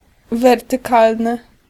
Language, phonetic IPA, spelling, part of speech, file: Polish, [ˌvɛrtɨˈkalnɨ], wertykalny, adjective, Pl-wertykalny.ogg